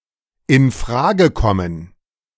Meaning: alternative form of infrage kommen
- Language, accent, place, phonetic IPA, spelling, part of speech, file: German, Germany, Berlin, [ɪn ˈfʁaːɡə ˌkɔmən], in Frage kommen, phrase, De-in Frage kommen.ogg